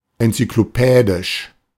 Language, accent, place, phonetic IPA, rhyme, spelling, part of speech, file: German, Germany, Berlin, [ɛnt͡sʏkloˈpɛːdɪʃ], -ɛːdɪʃ, enzyklopädisch, adjective, De-enzyklopädisch.ogg
- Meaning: 1. encyclopedic 2. striving for completeness